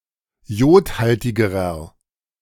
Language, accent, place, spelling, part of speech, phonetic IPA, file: German, Germany, Berlin, jodhaltigerer, adjective, [ˈjoːtˌhaltɪɡəʁɐ], De-jodhaltigerer.ogg
- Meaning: inflection of jodhaltig: 1. strong/mixed nominative masculine singular comparative degree 2. strong genitive/dative feminine singular comparative degree 3. strong genitive plural comparative degree